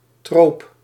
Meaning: trope
- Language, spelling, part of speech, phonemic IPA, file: Dutch, troop, noun, /trop/, Nl-troop.ogg